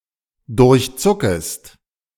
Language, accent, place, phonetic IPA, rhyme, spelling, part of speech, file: German, Germany, Berlin, [dʊʁçˈt͡sʊkəst], -ʊkəst, durchzuckest, verb, De-durchzuckest.ogg
- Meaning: second-person singular subjunctive I of durchzucken